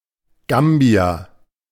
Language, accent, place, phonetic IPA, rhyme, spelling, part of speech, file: German, Germany, Berlin, [ˈɡambi̯a], -ambi̯a, Gambia, proper noun, De-Gambia.ogg
- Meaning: Gambia (a country in West Africa)